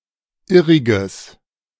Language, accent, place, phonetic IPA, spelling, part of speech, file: German, Germany, Berlin, [ˈɪʁɪɡəs], irriges, adjective, De-irriges.ogg
- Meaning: strong/mixed nominative/accusative neuter singular of irrig